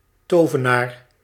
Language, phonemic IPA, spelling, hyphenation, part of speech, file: Dutch, /ˈtoːvənaːr/, tovenaar, to‧ve‧naar, noun, Nl-tovenaar.ogg
- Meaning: 1. wizard, sorcerer 2. magician